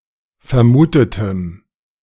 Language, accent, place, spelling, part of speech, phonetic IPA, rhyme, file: German, Germany, Berlin, vermutetem, adjective, [fɛɐ̯ˈmuːtətəm], -uːtətəm, De-vermutetem.ogg
- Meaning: strong dative masculine/neuter singular of vermutet